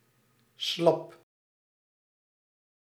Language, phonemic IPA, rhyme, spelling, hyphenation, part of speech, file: Dutch, /slɑp/, -ɑp, slap, slap, adjective, Nl-slap.ogg
- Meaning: 1. slack 2. weak